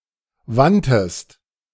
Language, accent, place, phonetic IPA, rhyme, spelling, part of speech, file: German, Germany, Berlin, [ˈvantəst], -antəst, wandtest, verb, De-wandtest.ogg
- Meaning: second-person singular preterite of wenden